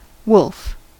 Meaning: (noun) Canis lupus; the largest wild member of the canine subfamily
- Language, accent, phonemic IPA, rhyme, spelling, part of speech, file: English, General American, /wʊlf/, -ʊlf, wolf, noun / verb, En-us-wolf.ogg